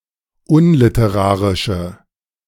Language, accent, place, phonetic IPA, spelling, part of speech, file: German, Germany, Berlin, [ˈʊnlɪtəˌʁaːʁɪʃə], unliterarische, adjective, De-unliterarische.ogg
- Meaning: inflection of unliterarisch: 1. strong/mixed nominative/accusative feminine singular 2. strong nominative/accusative plural 3. weak nominative all-gender singular